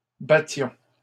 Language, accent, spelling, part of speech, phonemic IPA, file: French, Canada, battions, verb, /ba.tjɔ̃/, LL-Q150 (fra)-battions.wav
- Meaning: inflection of battre: 1. first-person plural imperfect indicative 2. first-person plural present subjunctive